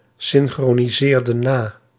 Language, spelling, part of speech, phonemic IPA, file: Dutch, synchroniseerden na, verb, /ˌsɪŋxroniˈzerdə(n) ˈna/, Nl-synchroniseerden na.ogg
- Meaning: inflection of nasynchroniseren: 1. plural past indicative 2. plural past subjunctive